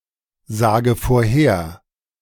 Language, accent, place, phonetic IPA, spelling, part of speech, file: German, Germany, Berlin, [ˌzaːɡə foːɐ̯ˈheːɐ̯], sage vorher, verb, De-sage vorher.ogg
- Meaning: inflection of vorhersagen: 1. first-person singular present 2. first/third-person singular subjunctive I 3. singular imperative